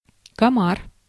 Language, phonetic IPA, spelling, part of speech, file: Russian, [kɐˈmar], комар, noun, Ru-комар.ogg
- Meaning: 1. mosquito 2. gnat 3. hollow punch, punch press 4. nibbling machine, blank-cutting machine